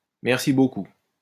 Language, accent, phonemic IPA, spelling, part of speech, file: French, France, /mɛʁ.si bo.ku/, merci beaucoup, interjection, LL-Q150 (fra)-merci beaucoup.wav
- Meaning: thank you very much